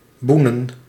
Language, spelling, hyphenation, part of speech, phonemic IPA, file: Dutch, boenen, boe‧nen, verb, /ˈbunə(n)/, Nl-boenen.ogg
- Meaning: to scrub, polish